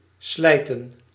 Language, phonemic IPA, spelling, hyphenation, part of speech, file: Dutch, /ˈslɛi̯.tə(n)/, slijten, slij‧ten, verb, Nl-slijten.ogg
- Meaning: 1. to tear 2. to wear down 3. to sell